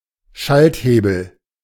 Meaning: 1. switch lever (any lever used to switch a device on or off) 2. gear shift, gear lever
- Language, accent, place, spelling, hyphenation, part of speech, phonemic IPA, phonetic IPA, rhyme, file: German, Germany, Berlin, Schalthebel, Schalt‧he‧bel, noun, /ˈʃaltˌheːbəl/, [ˈʃaltˌheːbl̩], -eːbl̩, De-Schalthebel.ogg